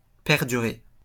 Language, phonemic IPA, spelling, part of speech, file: French, /pɛʁ.dy.ʁe/, perdurer, verb, LL-Q150 (fra)-perdurer.wav
- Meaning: to continue to exist, to last, to endure